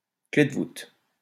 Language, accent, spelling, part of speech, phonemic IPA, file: French, France, clé de voûte, noun, /kle d(ə) vut/, LL-Q150 (fra)-clé de voûte.wav
- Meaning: alternative spelling of clef de voûte